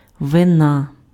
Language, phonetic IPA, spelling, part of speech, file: Ukrainian, [ʋeˈna], вина, noun, Uk-вина.ogg
- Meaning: guilt, fault; blame (culpability for bad action or occurrence)